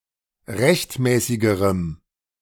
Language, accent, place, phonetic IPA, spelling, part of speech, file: German, Germany, Berlin, [ˈʁɛçtˌmɛːsɪɡəʁəm], rechtmäßigerem, adjective, De-rechtmäßigerem.ogg
- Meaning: strong dative masculine/neuter singular comparative degree of rechtmäßig